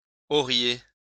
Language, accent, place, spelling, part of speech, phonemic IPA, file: French, France, Lyon, auriez, verb, /ɔ.ʁje/, LL-Q150 (fra)-auriez.wav
- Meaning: second-person plural conditional of avoir